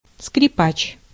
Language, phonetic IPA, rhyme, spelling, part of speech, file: Russian, [skrʲɪˈpat͡ɕ], -at͡ɕ, скрипач, noun, Ru-скрипач.ogg
- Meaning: violinist, fiddler (person who plays violin)